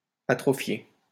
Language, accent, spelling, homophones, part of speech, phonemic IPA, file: French, France, atrophié, atrophiai / atrophiée / atrophiées / atrophier / atrophiés / atrophiez, verb, /a.tʁɔ.fje/, LL-Q150 (fra)-atrophié.wav
- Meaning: past participle of atrophier